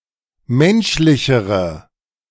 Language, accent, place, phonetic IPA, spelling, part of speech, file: German, Germany, Berlin, [ˈmɛnʃlɪçəʁə], menschlichere, adjective, De-menschlichere.ogg
- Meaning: inflection of menschlich: 1. strong/mixed nominative/accusative feminine singular comparative degree 2. strong nominative/accusative plural comparative degree